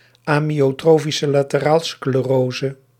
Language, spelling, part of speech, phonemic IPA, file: Dutch, amyotrofische laterale sclerose, noun, /aː.mi.oːˌtroː.fi.sə laː.təˌraː.lə skleːˈroː.zə/, Nl-amyotrofische laterale sclerose.ogg
- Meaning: amyotrophic lateral sclerosis